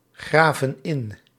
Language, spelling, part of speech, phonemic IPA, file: Dutch, graven in, verb, /ˈɣravə(n) ˈɪn/, Nl-graven in.ogg
- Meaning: inflection of ingraven: 1. plural present indicative 2. plural present subjunctive